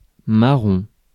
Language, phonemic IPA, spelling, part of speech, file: French, /ma.ʁɔ̃/, marron, noun / adjective, Fr-marron.ogg
- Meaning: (noun) 1. horse-chestnut 2. chestnut 3. chestnut brown 4. A token used as a control of the presence of someone at his post 5. firecracker (on a rocket) 6. punch (with the fist) 7. head